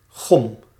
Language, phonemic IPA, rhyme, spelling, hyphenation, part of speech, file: Dutch, /ɣɔm/, -ɔm, gom, gom, noun, Nl-gom.ogg
- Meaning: 1. gum, various viscous or sticky substances exuded by certain plants or produced synthetically 2. an object made from gum 3. alternative form of gum (“eraser”)